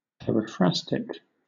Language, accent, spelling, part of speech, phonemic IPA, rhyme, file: English, Southern England, periphrastic, adjective, /ˌpɛ.ɹɪˈfɹæ.stɪk/, -æstɪk, LL-Q1860 (eng)-periphrastic.wav
- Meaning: 1. Expressed in more words than are necessary 2. Indirect in naming an entity; circumlocutory 3. Characterized by periphrasis